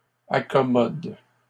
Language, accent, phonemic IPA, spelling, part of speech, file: French, Canada, /a.kɔ.mɔd/, accommodes, verb, LL-Q150 (fra)-accommodes.wav
- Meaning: second-person singular present indicative/subjunctive of accommoder